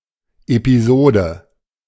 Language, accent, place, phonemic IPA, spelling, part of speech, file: German, Germany, Berlin, /epiˈzoːdə/, Episode, noun, De-Episode.ogg
- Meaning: episode (something that took place)